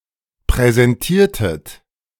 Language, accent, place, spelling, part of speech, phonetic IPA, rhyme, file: German, Germany, Berlin, präsentiertet, verb, [pʁɛzɛnˈtiːɐ̯tət], -iːɐ̯tət, De-präsentiertet.ogg
- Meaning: inflection of präsentieren: 1. second-person plural preterite 2. second-person plural subjunctive II